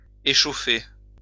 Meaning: 1. to overheat 2. to excite, incite (imagination etc.) 3. to inflame 4. to warm up
- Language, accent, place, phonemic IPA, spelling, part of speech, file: French, France, Lyon, /e.ʃo.fe/, échauffer, verb, LL-Q150 (fra)-échauffer.wav